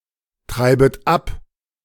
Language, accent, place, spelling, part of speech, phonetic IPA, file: German, Germany, Berlin, treibet ab, verb, [ˌtʁaɪ̯bət ˈap], De-treibet ab.ogg
- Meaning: second-person plural subjunctive I of abtreiben